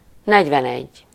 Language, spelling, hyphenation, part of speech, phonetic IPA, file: Hungarian, negyvenegy, negy‧ven‧egy, numeral, [ˈnɛɟvɛnɛɟː], Hu-negyvenegy.ogg
- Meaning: forty-one